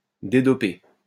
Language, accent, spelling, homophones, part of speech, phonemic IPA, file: French, France, dédopé, dédopée / dédopées / dédopés, adjective, /de.dɔ.pe/, LL-Q150 (fra)-dédopé.wav
- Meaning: dedoped